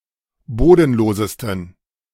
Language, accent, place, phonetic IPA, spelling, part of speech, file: German, Germany, Berlin, [ˈboːdn̩ˌloːzəstn̩], bodenlosesten, adjective, De-bodenlosesten.ogg
- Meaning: 1. superlative degree of bodenlos 2. inflection of bodenlos: strong genitive masculine/neuter singular superlative degree